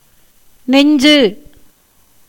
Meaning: 1. chest, breast 2. heart 3. mind, conscience 4. bravery, courage
- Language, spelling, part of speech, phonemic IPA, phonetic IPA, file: Tamil, நெஞ்சு, noun, /nɛɲdʒɯ/, [ne̞ɲdʒɯ], Ta-நெஞ்சு.ogg